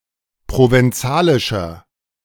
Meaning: inflection of provenzalisch: 1. strong/mixed nominative masculine singular 2. strong genitive/dative feminine singular 3. strong genitive plural
- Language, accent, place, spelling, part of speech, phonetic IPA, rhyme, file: German, Germany, Berlin, provenzalischer, adjective, [ˌpʁovɛnˈt͡saːlɪʃɐ], -aːlɪʃɐ, De-provenzalischer.ogg